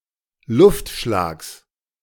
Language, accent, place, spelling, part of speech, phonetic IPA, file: German, Germany, Berlin, Luftschlags, noun, [ˈlʊftˌʃlaːks], De-Luftschlags.ogg
- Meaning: genitive of Luftschlag